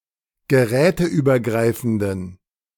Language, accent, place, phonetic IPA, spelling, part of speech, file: German, Germany, Berlin, [ɡəˈʁɛːtəʔyːbɐˌɡʁaɪ̯fn̩dən], geräteübergreifenden, adjective, De-geräteübergreifenden.ogg
- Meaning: inflection of geräteübergreifend: 1. strong genitive masculine/neuter singular 2. weak/mixed genitive/dative all-gender singular 3. strong/weak/mixed accusative masculine singular